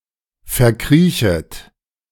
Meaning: second-person plural subjunctive I of verkriechen
- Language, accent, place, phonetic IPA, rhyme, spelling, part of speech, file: German, Germany, Berlin, [fɛɐ̯ˈkʁiːçət], -iːçət, verkriechet, verb, De-verkriechet.ogg